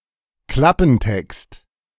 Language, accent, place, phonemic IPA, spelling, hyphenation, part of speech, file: German, Germany, Berlin, /ˈklapm̩ˌtɛkst/, Klappentext, Klap‧pen‧text, noun, De-Klappentext.ogg
- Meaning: 1. blurb, back cover copy 2. flap copy (on the inside flap of a book's dustjacket)